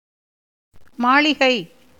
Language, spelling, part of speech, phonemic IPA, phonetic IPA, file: Tamil, மாளிகை, noun, /mɑːɭɪɡɐɪ̯/, [mäːɭɪɡɐɪ̯], Ta-மாளிகை.ogg
- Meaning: 1. palace, mansion 2. temple